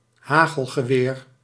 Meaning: shotgun
- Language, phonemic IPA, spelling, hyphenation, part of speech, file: Dutch, /ˈɦaː.ɣəl.ɣəˌʋeːr/, hagelgeweer, ha‧gel‧ge‧weer, noun, Nl-hagelgeweer.ogg